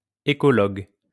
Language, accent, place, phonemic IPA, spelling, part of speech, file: French, France, Lyon, /e.kɔ.lɔɡ/, écologue, noun, LL-Q150 (fra)-écologue.wav
- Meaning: ecologist